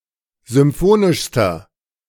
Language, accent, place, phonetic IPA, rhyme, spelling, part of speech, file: German, Germany, Berlin, [zʏmˈfoːnɪʃstɐ], -oːnɪʃstɐ, symphonischster, adjective, De-symphonischster.ogg
- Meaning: inflection of symphonisch: 1. strong/mixed nominative masculine singular superlative degree 2. strong genitive/dative feminine singular superlative degree 3. strong genitive plural superlative degree